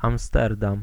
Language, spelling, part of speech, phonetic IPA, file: Polish, Amsterdam, proper noun, [ãmˈstɛrdãm], Pl-Amsterdam.ogg